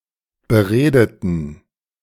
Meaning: inflection of beredet: 1. strong genitive masculine/neuter singular 2. weak/mixed genitive/dative all-gender singular 3. strong/weak/mixed accusative masculine singular 4. strong dative plural
- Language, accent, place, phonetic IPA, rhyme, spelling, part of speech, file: German, Germany, Berlin, [bəˈʁeːdətn̩], -eːdətn̩, beredeten, adjective / verb, De-beredeten.ogg